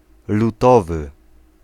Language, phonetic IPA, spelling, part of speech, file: Polish, [luˈtɔvɨ], lutowy, adjective, Pl-lutowy.ogg